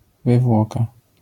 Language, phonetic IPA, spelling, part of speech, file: Polish, [vɨˈvwɔka], wywłoka, noun, LL-Q809 (pol)-wywłoka.wav